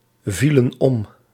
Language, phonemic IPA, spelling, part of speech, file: Dutch, /ˈvilə(n) ˈɔm/, vielen om, verb, Nl-vielen om.ogg
- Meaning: inflection of omvallen: 1. plural past indicative 2. plural past subjunctive